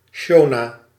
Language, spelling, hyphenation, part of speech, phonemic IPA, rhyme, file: Dutch, Shona, Sho‧na, proper noun, /ˈʃoː.naː/, -oːnaː, Nl-Shona.ogg
- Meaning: Shona (African language)